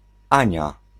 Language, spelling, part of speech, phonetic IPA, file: Polish, Ania, proper noun, [ˈãɲa], Pl-Ania.ogg